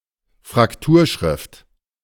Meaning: fraktur; (sensu lato) black letter, Gothic script
- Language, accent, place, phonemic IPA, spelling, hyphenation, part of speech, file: German, Germany, Berlin, /fʁakˈtuːɐ̯ˌʃʁɪft/, Frakturschrift, Frak‧tur‧schrift, noun, De-Frakturschrift.ogg